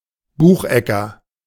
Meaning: beechnut
- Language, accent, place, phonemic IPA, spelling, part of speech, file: German, Germany, Berlin, /ˈbuːxˌ(ʔ)ɛkɐ/, Buchecker, noun, De-Buchecker.ogg